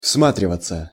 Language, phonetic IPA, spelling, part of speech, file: Russian, [ˈfsmatrʲɪvət͡sə], всматриваться, verb, Ru-всматриваться.ogg
- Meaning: to scrutinize, to peer, to look carefully